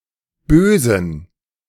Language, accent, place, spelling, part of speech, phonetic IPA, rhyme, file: German, Germany, Berlin, Bösen, noun, [ˈbøːzn̩], -øːzn̩, De-Bösen.ogg
- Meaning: genitive singular of Böse